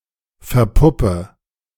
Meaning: inflection of verpuppen: 1. first-person singular present 2. first/third-person singular subjunctive I 3. singular imperative
- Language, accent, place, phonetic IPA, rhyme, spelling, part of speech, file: German, Germany, Berlin, [fɛɐ̯ˈpʊpə], -ʊpə, verpuppe, verb, De-verpuppe.ogg